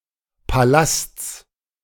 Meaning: genitive singular of Palast
- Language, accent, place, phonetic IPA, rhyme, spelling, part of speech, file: German, Germany, Berlin, [paˈlast͡s], -ast͡s, Palasts, noun, De-Palasts.ogg